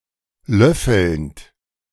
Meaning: present participle of löffeln
- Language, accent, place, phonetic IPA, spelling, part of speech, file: German, Germany, Berlin, [ˈlœfl̩nt], löffelnd, verb, De-löffelnd.ogg